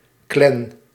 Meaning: 1. clan, kin group, esp. in relation to the Scottish Highlands or Scotland in general 2. a group of gamers playing on the same team, a clan
- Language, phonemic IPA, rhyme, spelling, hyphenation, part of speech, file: Dutch, /klɛn/, -ɛn, clan, clan, noun, Nl-clan.ogg